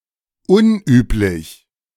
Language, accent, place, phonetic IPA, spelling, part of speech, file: German, Germany, Berlin, [ˈʊnˌʔyːplɪç], unüblich, adjective, De-unüblich.ogg
- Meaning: unusual